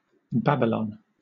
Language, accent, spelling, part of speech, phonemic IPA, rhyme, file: English, Southern England, Babylon, proper noun, /ˈbæb.ɪ.lɒn/, -æbɪlɒn, LL-Q1860 (eng)-Babylon.wav
- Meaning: 1. An ancient city, the ancient capital of Babylonia in modern Iraq, built on the banks of the Euphrates 2. A governate in Iraq 3. Any city of great wealth, luxury and vice